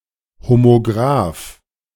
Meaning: homograph
- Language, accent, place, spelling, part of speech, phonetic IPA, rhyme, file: German, Germany, Berlin, Homograph, noun, [homoˈɡʁaːf], -aːf, De-Homograph.ogg